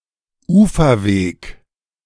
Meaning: 1. a path alongside a bank or shore; a towpath; a lakeside path 2. a path leading up to a bank or shore
- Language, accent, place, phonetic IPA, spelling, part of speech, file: German, Germany, Berlin, [ˈuːfɐˌveːk], Uferweg, noun, De-Uferweg.ogg